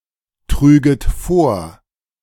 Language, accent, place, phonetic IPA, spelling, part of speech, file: German, Germany, Berlin, [ˌtʁyːɡət ˈfoːɐ̯], trüget vor, verb, De-trüget vor.ogg
- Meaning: second-person plural subjunctive II of vortragen